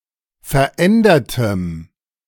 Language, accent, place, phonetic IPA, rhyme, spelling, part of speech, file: German, Germany, Berlin, [fɛɐ̯ˈʔɛndɐtəm], -ɛndɐtəm, verändertem, adjective, De-verändertem.ogg
- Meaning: strong dative masculine/neuter singular of verändert